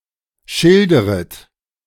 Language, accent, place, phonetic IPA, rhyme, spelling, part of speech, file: German, Germany, Berlin, [ˈʃɪldəʁət], -ɪldəʁət, schilderet, verb, De-schilderet.ogg
- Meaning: second-person plural subjunctive I of schildern